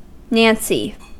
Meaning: An effeminate man, especially a homosexual
- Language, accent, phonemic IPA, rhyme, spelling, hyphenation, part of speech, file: English, US, /ˈnænsi/, -ænsi, nancy, nan‧cy, noun, En-us-nancy.ogg